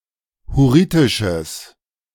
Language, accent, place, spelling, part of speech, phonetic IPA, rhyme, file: German, Germany, Berlin, hurritisches, adjective, [hʊˈʁiːtɪʃəs], -iːtɪʃəs, De-hurritisches.ogg
- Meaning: strong/mixed nominative/accusative neuter singular of hurritisch